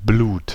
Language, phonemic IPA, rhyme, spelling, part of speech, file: German, /bluːt/, -uːt, Blut, noun, De-Blut.ogg
- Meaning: blood